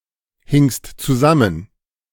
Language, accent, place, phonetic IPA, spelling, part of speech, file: German, Germany, Berlin, [ˌhɪŋst t͡suˈzamən], hingst zusammen, verb, De-hingst zusammen.ogg
- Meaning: second-person singular preterite of zusammenhängen